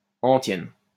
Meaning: 1. antiphony 2. chant, refrain
- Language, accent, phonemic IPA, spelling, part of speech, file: French, France, /ɑ̃.tjɛn/, antienne, noun, LL-Q150 (fra)-antienne.wav